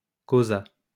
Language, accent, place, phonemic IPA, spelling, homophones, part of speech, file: French, France, Lyon, /ko.za/, causa, causas / causât, verb, LL-Q150 (fra)-causa.wav
- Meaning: third-person singular past historic of causer